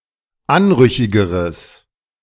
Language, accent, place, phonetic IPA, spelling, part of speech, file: German, Germany, Berlin, [ˈanˌʁʏçɪɡəʁəs], anrüchigeres, adjective, De-anrüchigeres.ogg
- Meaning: strong/mixed nominative/accusative neuter singular comparative degree of anrüchig